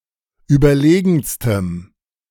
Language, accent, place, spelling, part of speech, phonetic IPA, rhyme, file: German, Germany, Berlin, überlegenstem, adjective, [ˌyːbɐˈleːɡn̩stəm], -eːɡn̩stəm, De-überlegenstem.ogg
- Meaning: strong dative masculine/neuter singular superlative degree of überlegen